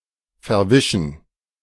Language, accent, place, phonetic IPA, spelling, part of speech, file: German, Germany, Berlin, [fɛɐ̯ˈvɪʃn̩], verwischen, verb, De-verwischen.ogg
- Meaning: 1. to smudge, to smear (e.g. paint) 2. to blur, to obscure (e.g. the differences between two things)